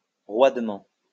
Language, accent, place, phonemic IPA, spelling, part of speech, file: French, France, Lyon, /ʁwad.mɑ̃/, roidement, adverb, LL-Q150 (fra)-roidement.wav
- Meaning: alternative form of raidement